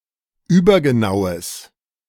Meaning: strong/mixed nominative/accusative neuter singular of übergenau
- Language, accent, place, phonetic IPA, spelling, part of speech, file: German, Germany, Berlin, [ˈyːbɐɡəˌnaʊ̯əs], übergenaues, adjective, De-übergenaues.ogg